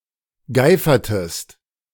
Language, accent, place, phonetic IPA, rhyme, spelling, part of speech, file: German, Germany, Berlin, [ˈɡaɪ̯fɐtəst], -aɪ̯fɐtəst, geifertest, verb, De-geifertest.ogg
- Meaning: inflection of geifern: 1. second-person singular preterite 2. second-person singular subjunctive II